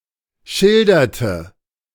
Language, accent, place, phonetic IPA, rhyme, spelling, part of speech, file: German, Germany, Berlin, [ˈʃɪldɐtə], -ɪldɐtə, schilderte, verb, De-schilderte.ogg
- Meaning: inflection of schildern: 1. first/third-person singular preterite 2. first/third-person singular subjunctive II